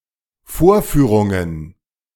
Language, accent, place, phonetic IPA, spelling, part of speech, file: German, Germany, Berlin, [ˈfoːɐ̯ˌfyːʁʊŋən], Vorführungen, noun, De-Vorführungen.ogg
- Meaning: plural of Vorführung